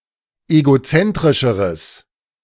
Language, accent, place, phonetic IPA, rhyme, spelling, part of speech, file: German, Germany, Berlin, [eɡoˈt͡sɛntʁɪʃəʁəs], -ɛntʁɪʃəʁəs, egozentrischeres, adjective, De-egozentrischeres.ogg
- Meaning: strong/mixed nominative/accusative neuter singular comparative degree of egozentrisch